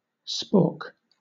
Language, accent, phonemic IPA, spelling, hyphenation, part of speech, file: English, Southern England, /ˈspɔːk/, spork, spork, noun / verb, LL-Q1860 (eng)-spork.wav